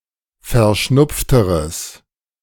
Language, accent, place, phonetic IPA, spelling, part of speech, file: German, Germany, Berlin, [fɛɐ̯ˈʃnʊp͡ftəʁəs], verschnupfteres, adjective, De-verschnupfteres.ogg
- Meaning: strong/mixed nominative/accusative neuter singular comparative degree of verschnupft